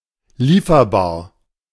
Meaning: deliverable, in stock
- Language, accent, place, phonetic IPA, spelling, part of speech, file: German, Germany, Berlin, [ˈliːfɐbaːɐ̯], lieferbar, adjective, De-lieferbar.ogg